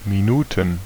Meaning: plural of Minute
- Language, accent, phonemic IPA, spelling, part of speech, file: German, Germany, /miˈnuːtn̩/, Minuten, noun, De-Minuten.ogg